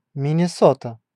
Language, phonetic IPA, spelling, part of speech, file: Russian, [mʲɪnʲɪˈsotə], Миннесота, proper noun, Ru-Миннесота.ogg
- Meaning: Minnesota (a state in the Upper Midwest region of the United States)